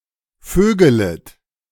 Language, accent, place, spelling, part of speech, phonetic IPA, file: German, Germany, Berlin, vögelet, verb, [ˈføːɡələt], De-vögelet.ogg
- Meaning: second-person plural subjunctive I of vögeln